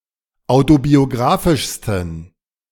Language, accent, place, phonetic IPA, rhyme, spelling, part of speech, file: German, Germany, Berlin, [ˌaʊ̯tobioˈɡʁaːfɪʃstn̩], -aːfɪʃstn̩, autobiografischsten, adjective, De-autobiografischsten.ogg
- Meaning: 1. superlative degree of autobiografisch 2. inflection of autobiografisch: strong genitive masculine/neuter singular superlative degree